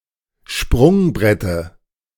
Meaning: dative of Sprungbrett
- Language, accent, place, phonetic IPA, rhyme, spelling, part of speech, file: German, Germany, Berlin, [ˈʃpʁʊŋˌbʁɛtə], -ʊŋbʁɛtə, Sprungbrette, noun, De-Sprungbrette.ogg